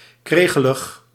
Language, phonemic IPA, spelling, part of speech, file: Dutch, /ˈkreːɣələx/, kregelig, adjective, Nl-kregelig.ogg
- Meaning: 1. irritable 2. ill-tempered